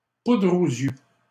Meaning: smoke and mirrors, smokescreen
- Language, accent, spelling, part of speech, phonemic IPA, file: French, Canada, poudre aux yeux, noun, /pudʁ o.z‿jø/, LL-Q150 (fra)-poudre aux yeux.wav